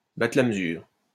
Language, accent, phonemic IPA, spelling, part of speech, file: French, France, /ba.tʁə la m(ə).zyʁ/, battre la mesure, verb, LL-Q150 (fra)-battre la mesure.wav
- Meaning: to beat time, to keep time